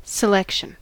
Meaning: 1. The process or act of selecting 2. Something selected 3. A variety of items taken from a larger collection 4. A musical piece 5. A set of data obtained from a database using a query
- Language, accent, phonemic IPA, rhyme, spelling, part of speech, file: English, US, /səˈlɛkʃən/, -ɛkʃən, selection, noun, En-us-selection.ogg